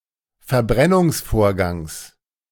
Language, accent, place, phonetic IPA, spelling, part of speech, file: German, Germany, Berlin, [fɛɐ̯ˈbʁɛnʊŋsˌfoːɐ̯ɡaŋs], Verbrennungsvorgangs, noun, De-Verbrennungsvorgangs.ogg
- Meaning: genitive singular of Verbrennungsvorgang